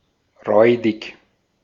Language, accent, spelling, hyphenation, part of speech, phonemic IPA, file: German, Austria, räudig, räu‧dig, adjective, /ˈʁɔʏ̯dɪk/, De-at-räudig.ogg
- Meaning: 1. mangy 2. worn, shabby 3. awful, disgusting (in terms of taste, quality, honorableness, etc.)